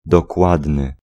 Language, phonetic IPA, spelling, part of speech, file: Polish, [dɔˈkwadnɨ], dokładny, adjective, Pl-dokładny.ogg